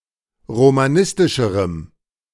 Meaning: strong dative masculine/neuter singular comparative degree of romanistisch
- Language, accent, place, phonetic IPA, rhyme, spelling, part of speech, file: German, Germany, Berlin, [ʁomaˈnɪstɪʃəʁəm], -ɪstɪʃəʁəm, romanistischerem, adjective, De-romanistischerem.ogg